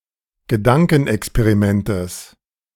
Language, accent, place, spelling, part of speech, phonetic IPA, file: German, Germany, Berlin, Gedankenexperimentes, noun, [ɡəˈdaŋkn̩ʔɛkspeʁiˌmɛntəs], De-Gedankenexperimentes.ogg
- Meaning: genitive singular of Gedankenexperiment